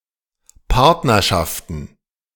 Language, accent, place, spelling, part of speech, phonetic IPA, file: German, Germany, Berlin, Partnerschaften, noun, [ˈpaʁtnɐʃaftən], De-Partnerschaften.ogg
- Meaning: plural of Partnerschaft